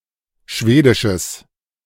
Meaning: strong/mixed nominative/accusative neuter singular of schwedisch
- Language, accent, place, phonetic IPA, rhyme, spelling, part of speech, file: German, Germany, Berlin, [ˈʃveːdɪʃəs], -eːdɪʃəs, schwedisches, adjective, De-schwedisches.ogg